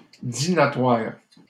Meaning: Pre-1990 spelling of dinatoire
- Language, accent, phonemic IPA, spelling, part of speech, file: French, Canada, /di.na.twaʁ/, dînatoire, adjective, LL-Q150 (fra)-dînatoire.wav